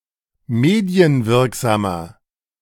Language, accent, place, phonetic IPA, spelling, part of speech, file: German, Germany, Berlin, [ˈmeːdi̯ənˌvɪʁkzaːmɐ], medienwirksamer, adjective, De-medienwirksamer.ogg
- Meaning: 1. comparative degree of medienwirksam 2. inflection of medienwirksam: strong/mixed nominative masculine singular 3. inflection of medienwirksam: strong genitive/dative feminine singular